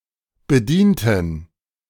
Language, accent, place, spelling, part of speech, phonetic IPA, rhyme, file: German, Germany, Berlin, bedienten, adjective / verb, [bəˈdiːntn̩], -iːntn̩, De-bedienten.ogg
- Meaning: inflection of bedienen: 1. first/third-person plural preterite 2. first/third-person plural subjunctive II